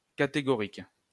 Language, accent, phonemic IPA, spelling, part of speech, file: French, France, /ka.te.ɡɔ.ʁik/, catégorique, adjective, LL-Q150 (fra)-catégorique.wav
- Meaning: 1. categorical, clear-cut, unequivocal 2. positive, certain